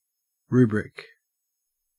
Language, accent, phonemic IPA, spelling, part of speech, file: English, Australia, /ˈɹuːbɹɪk/, rubric, noun / adjective / verb, En-au-rubric.ogg
- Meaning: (noun) 1. A heading in a book highlighted in red 2. A title of a category or a class 3. The directions for a religious service, formerly printed in red letters